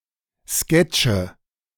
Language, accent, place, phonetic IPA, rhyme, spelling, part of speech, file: German, Germany, Berlin, [ˈskɛt͡ʃə], -ɛt͡ʃə, Sketche, noun, De-Sketche.ogg
- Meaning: nominative/accusative/genitive plural of Sketch